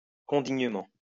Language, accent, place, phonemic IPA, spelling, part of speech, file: French, France, Lyon, /kɔ̃.diɲ.mɑ̃/, condignement, adverb, LL-Q150 (fra)-condignement.wav
- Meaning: condignly